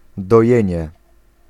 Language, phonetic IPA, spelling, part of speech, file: Polish, [dɔˈjɛ̇̃ɲɛ], dojenie, noun, Pl-dojenie.ogg